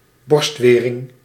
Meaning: 1. breastwork, fortification 2. parapet, balustrade (especially of a bridge)
- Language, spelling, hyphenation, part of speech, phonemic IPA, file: Dutch, borstwering, borst‧we‧ring, noun, /ˈbɔrstˌʋeː.rɪŋ/, Nl-borstwering.ogg